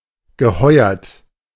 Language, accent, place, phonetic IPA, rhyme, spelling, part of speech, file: German, Germany, Berlin, [ɡəˈhɔɪ̯ɐt], -ɔɪ̯ɐt, geheuert, verb, De-geheuert.ogg
- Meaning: past participle of heuern